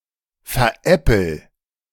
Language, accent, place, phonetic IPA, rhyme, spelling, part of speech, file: German, Germany, Berlin, [fɛɐ̯ˈʔɛpl̩], -ɛpl̩, veräppel, verb, De-veräppel.ogg
- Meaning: inflection of veräppeln: 1. first-person singular present 2. singular imperative